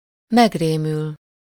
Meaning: to get frightened
- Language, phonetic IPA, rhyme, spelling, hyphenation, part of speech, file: Hungarian, [ˈmɛɡreːmyl], -yl, megrémül, meg‧ré‧mül, verb, Hu-megrémül.ogg